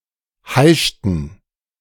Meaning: inflection of heischen: 1. first/third-person plural preterite 2. first/third-person plural subjunctive II
- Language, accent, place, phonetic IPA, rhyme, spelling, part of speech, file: German, Germany, Berlin, [ˈhaɪ̯ʃtn̩], -aɪ̯ʃtn̩, heischten, verb, De-heischten.ogg